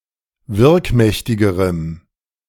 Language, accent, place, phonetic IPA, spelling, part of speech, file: German, Germany, Berlin, [ˈvɪʁkˌmɛçtɪɡəʁəm], wirkmächtigerem, adjective, De-wirkmächtigerem.ogg
- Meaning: strong dative masculine/neuter singular comparative degree of wirkmächtig